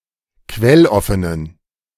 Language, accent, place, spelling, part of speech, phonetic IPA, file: German, Germany, Berlin, quelloffenen, adjective, [ˈkvɛlˌɔfənən], De-quelloffenen.ogg
- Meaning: inflection of quelloffen: 1. strong genitive masculine/neuter singular 2. weak/mixed genitive/dative all-gender singular 3. strong/weak/mixed accusative masculine singular 4. strong dative plural